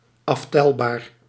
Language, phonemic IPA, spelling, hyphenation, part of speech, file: Dutch, /ˈɑfˌtɛl.baːr/, aftelbaar, af‧tel‧baar, adjective, Nl-aftelbaar.ogg
- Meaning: countable